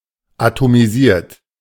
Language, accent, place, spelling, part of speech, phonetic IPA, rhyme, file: German, Germany, Berlin, atomisiert, verb, [atomiˈziːɐ̯t], -iːɐ̯t, De-atomisiert.ogg
- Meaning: 1. past participle of atomisieren 2. inflection of atomisieren: second-person plural present 3. inflection of atomisieren: third-person singular present 4. inflection of atomisieren: plural imperative